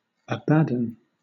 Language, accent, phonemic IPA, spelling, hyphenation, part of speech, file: English, Southern England, /æbədɒːn/, Abaddon, A‧bad‧don, proper noun, LL-Q1860 (eng)-Abaddon.wav
- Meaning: 1. The destroyer, or angel of the bottomless pit; Apollyon; 2. Hell; the bottomless pit; a place of destruction